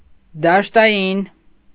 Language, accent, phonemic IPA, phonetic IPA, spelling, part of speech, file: Armenian, Eastern Armenian, /dɑʃtɑˈjin/, [dɑʃtɑjín], դաշտային, adjective, Hy-դաշտային.ogg
- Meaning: field (attributive)